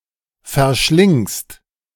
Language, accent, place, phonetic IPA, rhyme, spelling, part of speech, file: German, Germany, Berlin, [fɛɐ̯ˈʃlɪŋst], -ɪŋst, verschlingst, verb, De-verschlingst.ogg
- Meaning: second-person singular present of verschlingen